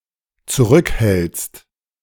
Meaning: second-person singular dependent present of zurückhalten
- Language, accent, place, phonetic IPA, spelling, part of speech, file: German, Germany, Berlin, [t͡suˈʁʏkˌhɛlt͡st], zurückhältst, verb, De-zurückhältst.ogg